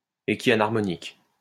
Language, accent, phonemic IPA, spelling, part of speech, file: French, France, /e.kja.naʁ.mɔ.nik/, équianharmonique, adjective, LL-Q150 (fra)-équianharmonique.wav
- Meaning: equianharmonic